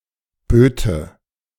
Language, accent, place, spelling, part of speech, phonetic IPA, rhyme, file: German, Germany, Berlin, böte, verb, [ˈbøːtə], -øːtə, De-böte.ogg
- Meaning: first/third-person singular subjunctive II of bieten